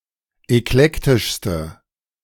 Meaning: inflection of eklektisch: 1. strong/mixed nominative/accusative feminine singular superlative degree 2. strong nominative/accusative plural superlative degree
- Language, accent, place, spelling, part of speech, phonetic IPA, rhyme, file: German, Germany, Berlin, eklektischste, adjective, [ɛkˈlɛktɪʃstə], -ɛktɪʃstə, De-eklektischste.ogg